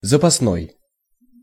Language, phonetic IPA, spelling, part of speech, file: Russian, [zəpɐsˈnoj], запасной, adjective, Ru-запасной.ogg
- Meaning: 1. spare, reserve 2. auxiliary (supplementary or subsidiary)